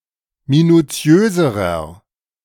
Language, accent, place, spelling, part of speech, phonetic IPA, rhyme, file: German, Germany, Berlin, minuziöserer, adjective, [minuˈt͡si̯øːzəʁɐ], -øːzəʁɐ, De-minuziöserer.ogg
- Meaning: inflection of minuziös: 1. strong/mixed nominative masculine singular comparative degree 2. strong genitive/dative feminine singular comparative degree 3. strong genitive plural comparative degree